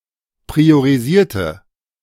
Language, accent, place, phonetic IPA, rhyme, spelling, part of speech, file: German, Germany, Berlin, [pʁioʁiˈziːɐ̯tə], -iːɐ̯tə, priorisierte, adjective / verb, De-priorisierte.ogg
- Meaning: inflection of priorisieren: 1. first/third-person singular preterite 2. first/third-person singular subjunctive II